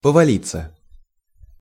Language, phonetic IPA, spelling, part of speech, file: Russian, [pəvɐˈlʲit͡sːə], повалиться, verb, Ru-повалиться.ogg
- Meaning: 1. to fall (down), to collapse, to tumble down, to topple (over, down) 2. passive of повали́ть (povalítʹ)